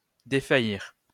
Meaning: 1. to faint, feel faint 2. to weaken, falter, fail (of strength, courage etc.)
- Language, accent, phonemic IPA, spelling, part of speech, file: French, France, /de.fa.jiʁ/, défaillir, verb, LL-Q150 (fra)-défaillir.wav